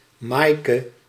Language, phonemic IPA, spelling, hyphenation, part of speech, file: Dutch, /ˈmaːi̯.kə/, Maaike, Maai‧ke, proper noun, Nl-Maaike.ogg
- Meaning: a female given name